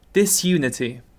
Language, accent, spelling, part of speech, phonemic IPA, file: English, UK, disunity, noun, /dɪsˈjuːnɪti/, En-uk-disunity.ogg
- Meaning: The lack of unity or cohesion